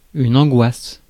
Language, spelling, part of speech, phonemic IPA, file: French, angoisse, noun / verb, /ɑ̃.ɡwas/, Fr-angoisse.ogg
- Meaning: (noun) 1. anguish, distress 2. anxiety 3. angst 4. fear, dread; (verb) inflection of angoisser: 1. first/third-person singular present indicative/subjunctive 2. second-person singular imperative